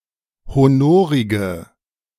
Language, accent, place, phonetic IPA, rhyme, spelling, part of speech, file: German, Germany, Berlin, [hoˈnoːʁɪɡə], -oːʁɪɡə, honorige, adjective, De-honorige.ogg
- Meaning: inflection of honorig: 1. strong/mixed nominative/accusative feminine singular 2. strong nominative/accusative plural 3. weak nominative all-gender singular 4. weak accusative feminine/neuter singular